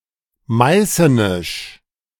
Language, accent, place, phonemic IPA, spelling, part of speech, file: German, Germany, Berlin, /ˈmaɪ̯sənɪʃ/, meißenisch, adjective, De-meißenisch.ogg
- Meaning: of Meissen